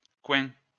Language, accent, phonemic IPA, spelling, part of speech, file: French, France, /kwɛ̃/, coins, noun, LL-Q150 (fra)-coins.wav
- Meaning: plural of coin